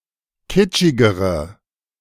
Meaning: inflection of kitschig: 1. strong/mixed nominative/accusative feminine singular comparative degree 2. strong nominative/accusative plural comparative degree
- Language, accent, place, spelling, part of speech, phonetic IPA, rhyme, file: German, Germany, Berlin, kitschigere, adjective, [ˈkɪt͡ʃɪɡəʁə], -ɪt͡ʃɪɡəʁə, De-kitschigere.ogg